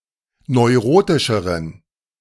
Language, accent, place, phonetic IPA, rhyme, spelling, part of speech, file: German, Germany, Berlin, [nɔɪ̯ˈʁoːtɪʃəʁən], -oːtɪʃəʁən, neurotischeren, adjective, De-neurotischeren.ogg
- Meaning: inflection of neurotisch: 1. strong genitive masculine/neuter singular comparative degree 2. weak/mixed genitive/dative all-gender singular comparative degree